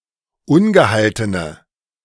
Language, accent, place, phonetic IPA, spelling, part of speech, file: German, Germany, Berlin, [ˈʊnɡəˌhaltənə], ungehaltene, adjective, De-ungehaltene.ogg
- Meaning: inflection of ungehalten: 1. strong/mixed nominative/accusative feminine singular 2. strong nominative/accusative plural 3. weak nominative all-gender singular